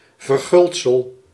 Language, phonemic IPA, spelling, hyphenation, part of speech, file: Dutch, /vərˈɣʏlt.səl/, verguldsel, ver‧guld‧sel, noun, Nl-verguldsel.ogg
- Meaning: gilding, gold leaf